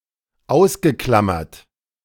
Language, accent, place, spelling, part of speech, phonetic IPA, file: German, Germany, Berlin, ausgeklammert, verb, [ˈaʊ̯sɡəˌklamɐt], De-ausgeklammert.ogg
- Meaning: past participle of ausklammern